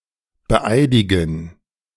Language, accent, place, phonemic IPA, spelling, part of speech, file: German, Germany, Berlin, /bəˈʔaɪ̯dɪɡn̩/, beeidigen, verb, De-beeidigen.ogg
- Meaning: 1. to formally verify 2. to swear in